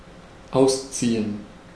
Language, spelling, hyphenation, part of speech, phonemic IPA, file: German, ausziehen, aus‧zie‧hen, verb, /ˈʔaʊ̯st͡siːən/, De-ausziehen.ogg
- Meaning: 1. to move out, to vacate 2. to set off, to set out (in order to achieve a higher goal, into war, a period of travels, etc.) 3. to take off (a piece of clothing, shoes) 4. to undress (a person)